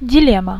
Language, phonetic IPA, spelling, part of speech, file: Russian, [dʲɪˈlʲem(ː)ə], дилемма, noun, Ru-дилемма.ogg
- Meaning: dilemma